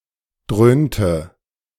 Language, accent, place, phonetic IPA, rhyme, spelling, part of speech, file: German, Germany, Berlin, [ˈdʁøːntə], -øːntə, dröhnte, verb, De-dröhnte.ogg
- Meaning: inflection of dröhnen: 1. first/third-person singular preterite 2. first/third-person singular subjunctive II